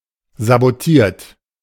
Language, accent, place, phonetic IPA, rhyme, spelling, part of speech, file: German, Germany, Berlin, [zaboˈtiːɐ̯t], -iːɐ̯t, sabotiert, verb, De-sabotiert.ogg
- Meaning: 1. past participle of sabotieren 2. inflection of sabotieren: third-person singular present 3. inflection of sabotieren: second-person plural present 4. inflection of sabotieren: plural imperative